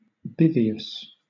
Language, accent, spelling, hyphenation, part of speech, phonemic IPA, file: English, Southern England, bivious, bi‧vi‧ous, adjective, /ˈbɪ.vɪ.əs/, LL-Q1860 (eng)-bivious.wav
- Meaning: Having, or leading, two ways